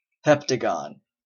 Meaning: A polygon with seven sides and seven angles
- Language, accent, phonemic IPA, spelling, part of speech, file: English, US, /ˈhɛp.tə.ɡɒn/, heptagon, noun, En-ca-heptagon.oga